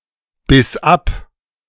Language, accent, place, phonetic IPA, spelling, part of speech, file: German, Germany, Berlin, [ˌbɪs ˈap], biss ab, verb, De-biss ab.ogg
- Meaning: first/third-person singular preterite of abbeißen